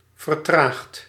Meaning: past participle of vertragen
- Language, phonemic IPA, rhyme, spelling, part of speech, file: Dutch, /vər.ˈtraːxt/, -aːxt, vertraagd, verb, Nl-vertraagd.ogg